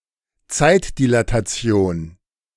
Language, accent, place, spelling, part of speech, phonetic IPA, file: German, Germany, Berlin, Zeitdilatation, noun, [ˈt͡saɪ̯tdilataˌt͡si̯oːn], De-Zeitdilatation.ogg
- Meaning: time dilation